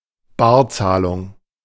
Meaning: cash payment
- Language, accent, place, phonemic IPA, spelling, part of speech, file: German, Germany, Berlin, /ˈbaːɐ̯ˌt͡saːlʊŋ/, Barzahlung, noun, De-Barzahlung.ogg